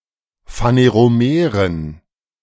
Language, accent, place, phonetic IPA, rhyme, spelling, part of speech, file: German, Germany, Berlin, [faneʁoˈmeːʁən], -eːʁən, phaneromeren, adjective, De-phaneromeren.ogg
- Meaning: inflection of phaneromer: 1. strong genitive masculine/neuter singular 2. weak/mixed genitive/dative all-gender singular 3. strong/weak/mixed accusative masculine singular 4. strong dative plural